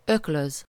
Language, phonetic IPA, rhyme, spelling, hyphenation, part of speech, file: Hungarian, [ˈøkløz], -øz, öklöz, ök‧löz, verb, Hu-öklöz.ogg
- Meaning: 1. to pummel (to strike with the fists repeatedly) 2. to box (to participate in boxing)